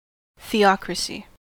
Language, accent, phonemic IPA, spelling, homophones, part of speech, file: English, US, /θiːˈɒkɹəsi/, theocracy, theocrasy, noun, En-us-theocracy.ogg
- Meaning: 1. Government under the control of a state religion 2. Rule by a god